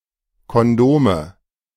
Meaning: nominative/accusative/genitive plural of Kondom
- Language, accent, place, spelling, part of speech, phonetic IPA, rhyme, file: German, Germany, Berlin, Kondome, noun, [ˌkɔnˈdoːmə], -oːmə, De-Kondome.ogg